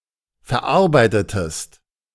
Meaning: inflection of verarbeiten: 1. second-person singular preterite 2. second-person singular subjunctive II
- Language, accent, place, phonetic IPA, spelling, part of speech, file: German, Germany, Berlin, [fɛɐ̯ˈʔaʁbaɪ̯tətəst], verarbeitetest, verb, De-verarbeitetest.ogg